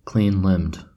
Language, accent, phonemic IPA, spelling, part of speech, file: English, General American, /ˌklinˈlɪmd/, clean-limbed, adjective, En-us-clean-limbed.ogg
- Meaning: Having a slender, athletic body; lithe